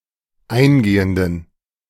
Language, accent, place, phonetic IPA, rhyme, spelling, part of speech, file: German, Germany, Berlin, [ˈaɪ̯nˌɡeːəndn̩], -aɪ̯nɡeːəndn̩, eingehenden, adjective, De-eingehenden.ogg
- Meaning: inflection of eingehend: 1. strong genitive masculine/neuter singular 2. weak/mixed genitive/dative all-gender singular 3. strong/weak/mixed accusative masculine singular 4. strong dative plural